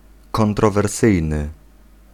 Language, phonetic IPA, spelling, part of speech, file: Polish, [ˌkɔ̃ntrɔvɛrˈsɨjnɨ], kontrowersyjny, adjective, Pl-kontrowersyjny.ogg